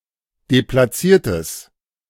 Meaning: strong/mixed nominative/accusative neuter singular of deplatziert
- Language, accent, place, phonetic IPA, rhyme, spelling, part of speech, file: German, Germany, Berlin, [deplaˈt͡siːɐ̯təs], -iːɐ̯təs, deplatziertes, adjective, De-deplatziertes.ogg